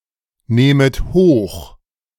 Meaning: second-person plural subjunctive I of hochnehmen
- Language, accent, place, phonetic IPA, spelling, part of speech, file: German, Germany, Berlin, [ˌneːmət ˈhoːx], nehmet hoch, verb, De-nehmet hoch.ogg